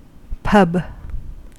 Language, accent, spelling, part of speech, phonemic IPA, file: English, US, pub, noun / verb, /pʌb/, En-us-pub.ogg
- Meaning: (noun) A public house where beverages, primarily alcoholic, may be bought and consumed, also providing food and sometimes entertainment such as live music or television